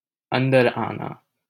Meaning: to get in
- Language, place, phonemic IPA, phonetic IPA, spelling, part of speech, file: Hindi, Delhi, /ən.d̪əɾ ɑː.nɑː/, [ɐ̃n̪.d̪ɐɾ‿äː.näː], अंदर आना, verb, LL-Q1568 (hin)-अंदर आना.wav